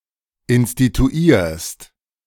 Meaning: second-person singular present of instituieren
- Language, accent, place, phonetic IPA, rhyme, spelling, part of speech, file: German, Germany, Berlin, [ɪnstituˈiːɐ̯st], -iːɐ̯st, instituierst, verb, De-instituierst.ogg